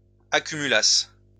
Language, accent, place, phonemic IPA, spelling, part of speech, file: French, France, Lyon, /a.ky.my.las/, accumulasse, verb, LL-Q150 (fra)-accumulasse.wav
- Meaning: first-person singular imperfect subjunctive of accumuler